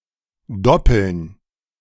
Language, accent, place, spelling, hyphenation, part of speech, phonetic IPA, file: German, Germany, Berlin, doppeln, dop‧peln, verb, [ˈdɔpəln], De-doppeln.ogg
- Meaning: to double